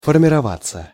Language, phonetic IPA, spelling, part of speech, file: Russian, [fərmʲɪrɐˈvat͡sːə], формироваться, verb, Ru-формироваться.ogg
- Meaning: passive of формирова́ть (formirovátʹ)